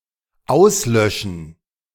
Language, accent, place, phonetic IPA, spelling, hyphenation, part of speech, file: German, Germany, Berlin, [ˈʔaʊsˌlœʃən], auslöschen, aus‧lö‧schen, verb, De-auslöschen.ogg
- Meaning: 1. to extinguish, to put out (e.g. a fire) 2. to turn off, to switch off 3. to obliterate, to wipe out, to utterly annihilate 4. to be extinguished, to go out, to die out (e.g. a candle, a life)